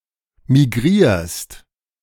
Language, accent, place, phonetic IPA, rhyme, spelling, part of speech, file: German, Germany, Berlin, [miˈɡʁiːɐ̯st], -iːɐ̯st, migrierst, verb, De-migrierst.ogg
- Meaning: second-person singular present of migrieren